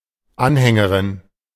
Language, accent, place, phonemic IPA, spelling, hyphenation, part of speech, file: German, Germany, Berlin, /ˈanhɛŋəʁɪn/, Anhängerin, An‧hän‧ge‧rin, noun, De-Anhängerin.ogg
- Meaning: female equivalent of Anhänger (“supporter”)